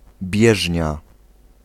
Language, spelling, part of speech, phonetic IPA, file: Polish, bieżnia, noun, [ˈbʲjɛʒʲɲa], Pl-bieżnia.ogg